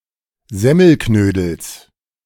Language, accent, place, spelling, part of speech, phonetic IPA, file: German, Germany, Berlin, Semmelknödels, noun, [ˈzɛməlknøːdəls], De-Semmelknödels.ogg
- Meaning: genitive of Semmelknödel